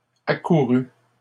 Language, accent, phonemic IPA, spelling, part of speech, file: French, Canada, /a.ku.ʁy/, accourut, verb, LL-Q150 (fra)-accourut.wav
- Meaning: third-person singular past historic of accourir